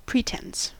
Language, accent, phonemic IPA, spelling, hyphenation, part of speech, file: English, US, /ˈpɹiːtɛns/, pretense, pre‧tense, noun, En-us-pretense.ogg
- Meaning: 1. The action of pretending; false or simulated show or appearance; false or hypocritical assertion or representation 2. Affectation or ostentation of manner